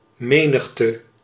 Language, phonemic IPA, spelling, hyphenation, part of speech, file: Dutch, /ˈmenəxtə/, menigte, me‧nig‧te, noun, Nl-menigte.ogg
- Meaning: 1. crowd 2. multitude